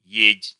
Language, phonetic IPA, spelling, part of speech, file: Russian, [jetʲ], едь, verb, Ru-едь.ogg
- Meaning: second-person singular imperative of е́хать (jéxatʹ)